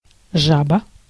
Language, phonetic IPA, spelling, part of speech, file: Russian, [ˈʐabə], жаба, noun, Ru-жаба.ogg
- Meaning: 1. toad 2. frog 3. tonsillitis, quinsy 4. Java (programming language) 5. Adobe Photoshop 6. a photoshopped image, a shoop (see also фотожаба)